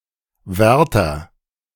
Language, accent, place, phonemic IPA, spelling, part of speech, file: German, Germany, Berlin, /ˈvɛʁtɐ/, Wärter, noun, De-Wärter.ogg
- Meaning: 1. attendant 2. maintainer